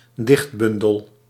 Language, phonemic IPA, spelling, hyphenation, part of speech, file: Dutch, /ˈdɪxtˌbʏn.dəl/, dichtbundel, dicht‧bun‧del, noun, Nl-dichtbundel.ogg
- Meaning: anthology of poems